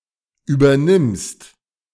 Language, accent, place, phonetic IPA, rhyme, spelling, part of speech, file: German, Germany, Berlin, [ˌyːbɐˈnɪmst], -ɪmst, übernimmst, verb, De-übernimmst.ogg
- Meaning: second-person singular present of übernehmen